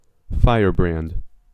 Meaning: 1. A torch or other burning stick with a flame at one end 2. An argumentative troublemaker or revolutionary; one who agitates against the status quo
- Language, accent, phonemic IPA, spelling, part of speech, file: English, US, /ˈfaɪɚ.bɹænd/, firebrand, noun, En-us-firebrand.ogg